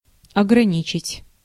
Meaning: 1. to confine, to limit, to restrict, to cut down 2. to constrain, to bound
- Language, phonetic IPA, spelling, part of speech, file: Russian, [ɐɡrɐˈnʲit͡ɕɪtʲ], ограничить, verb, Ru-ограничить.ogg